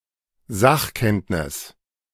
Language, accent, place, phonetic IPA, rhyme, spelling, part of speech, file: German, Germany, Berlin, [ˈzaxˌkɛntnɪs], -axkɛntnɪs, Sachkenntnis, noun, De-Sachkenntnis.ogg
- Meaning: expert knowledge